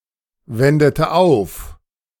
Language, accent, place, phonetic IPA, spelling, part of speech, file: German, Germany, Berlin, [ˌvɛndətə ˈaʊ̯f], wendete auf, verb, De-wendete auf.ogg
- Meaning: inflection of aufwenden: 1. first/third-person singular preterite 2. first/third-person singular subjunctive II